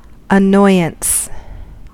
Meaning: 1. That which annoys 2. An act or instance of annoying 3. The psychological state of being annoyed or irritated
- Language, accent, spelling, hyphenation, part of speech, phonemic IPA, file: English, US, annoyance, an‧noy‧ance, noun, /əˈnɔɪ.əns/, En-us-annoyance.ogg